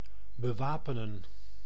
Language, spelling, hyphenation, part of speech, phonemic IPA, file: Dutch, bewapenen, be‧wa‧pe‧nen, verb, /bəˈʋaː.pə.nə(n)/, Nl-bewapenen.ogg
- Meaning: to arm (to supply with weapons)